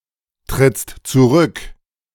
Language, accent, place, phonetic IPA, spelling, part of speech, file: German, Germany, Berlin, [tʁɪt͡st t͡suˈʁʏk], trittst zurück, verb, De-trittst zurück.ogg
- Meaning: second-person singular present of zurücktreten